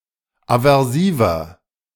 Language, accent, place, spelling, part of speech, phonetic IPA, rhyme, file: German, Germany, Berlin, aversiver, adjective, [avɛʁˈsiːvɐ], -iːvɐ, De-aversiver.ogg
- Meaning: inflection of aversiv: 1. strong/mixed nominative masculine singular 2. strong genitive/dative feminine singular 3. strong genitive plural